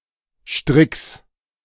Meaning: genitive of Strick
- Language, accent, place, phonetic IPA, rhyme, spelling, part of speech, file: German, Germany, Berlin, [ʃtʁɪks], -ɪks, Stricks, noun, De-Stricks.ogg